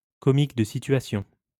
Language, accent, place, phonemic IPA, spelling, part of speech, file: French, France, Lyon, /kɔ.mik də si.tɥa.sjɔ̃/, comique de situation, noun, LL-Q150 (fra)-comique de situation.wav
- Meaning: situation comedy